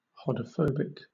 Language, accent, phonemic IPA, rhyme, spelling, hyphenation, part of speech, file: English, Southern England, /ˌhɒdə(ʊ)ˈfəʊbɪk/, -əʊbɪk, hodophobic, ho‧do‧phob‧ic, adjective, LL-Q1860 (eng)-hodophobic.wav
- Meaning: 1. Of the dendrites of neurons: tending not to form branches 2. Suffering from hodophobia; pathologically afraid of travel